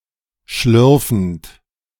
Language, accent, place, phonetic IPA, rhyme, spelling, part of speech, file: German, Germany, Berlin, [ˈʃlʏʁfn̩t], -ʏʁfn̩t, schlürfend, verb, De-schlürfend.ogg
- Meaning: present participle of schlürfen